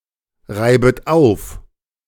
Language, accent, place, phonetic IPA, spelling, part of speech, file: German, Germany, Berlin, [ˌʁaɪ̯bət ˈaʊ̯f], reibet auf, verb, De-reibet auf.ogg
- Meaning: second-person plural subjunctive I of aufreiben